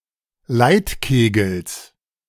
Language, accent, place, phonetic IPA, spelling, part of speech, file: German, Germany, Berlin, [ˈlaɪ̯tˌkeːɡl̩s], Leitkegels, noun, De-Leitkegels.ogg
- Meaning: genitive singular of Leitkegel